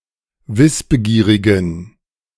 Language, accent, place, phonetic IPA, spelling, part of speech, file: German, Germany, Berlin, [ˈvɪsbəˌɡiːʁɪɡn̩], wissbegierigen, adjective, De-wissbegierigen.ogg
- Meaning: inflection of wissbegierig: 1. strong genitive masculine/neuter singular 2. weak/mixed genitive/dative all-gender singular 3. strong/weak/mixed accusative masculine singular 4. strong dative plural